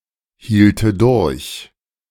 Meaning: first/third-person singular subjunctive II of durchhalten
- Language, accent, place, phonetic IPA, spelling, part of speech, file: German, Germany, Berlin, [ˌhiːltə ˈdʊʁç], hielte durch, verb, De-hielte durch.ogg